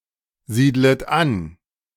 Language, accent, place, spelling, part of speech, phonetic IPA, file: German, Germany, Berlin, siedlet an, verb, [ˌziːdlət ˈan], De-siedlet an.ogg
- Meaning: second-person plural subjunctive I of ansiedeln